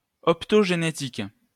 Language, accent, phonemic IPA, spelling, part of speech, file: French, France, /ɔp.tɔ.ʒe.ne.tik/, optogénétique, adjective / noun, LL-Q150 (fra)-optogénétique.wav
- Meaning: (adjective) optogenetic; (noun) optogenetics